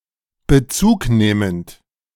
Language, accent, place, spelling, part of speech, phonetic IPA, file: German, Germany, Berlin, bezugnehmend, adjective, [bəˈt͡suːkˌneːmənt], De-bezugnehmend.ogg
- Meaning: respective